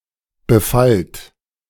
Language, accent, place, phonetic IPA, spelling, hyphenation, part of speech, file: German, Germany, Berlin, [bəˈfalt], befallt, be‧fallt, verb, De-befallt.ogg
- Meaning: inflection of befallen: 1. second-person plural present 2. plural imperative